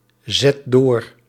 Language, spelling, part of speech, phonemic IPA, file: Dutch, zet door, verb, /ˈzɛt ˈdor/, Nl-zet door.ogg
- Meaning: inflection of doorzetten: 1. first/second/third-person singular present indicative 2. imperative